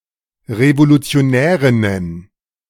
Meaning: plural of Revolutionärin
- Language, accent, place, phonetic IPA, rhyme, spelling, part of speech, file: German, Germany, Berlin, [ʁevolut͡si̯oˈnɛːʁɪnən], -ɛːʁɪnən, Revolutionärinnen, noun, De-Revolutionärinnen.ogg